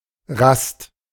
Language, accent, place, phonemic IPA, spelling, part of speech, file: German, Germany, Berlin, /ʁast/, Rast, noun, De-Rast.ogg
- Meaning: rest, a pause, a halt; to stop a march, hike or journey for recreational purposes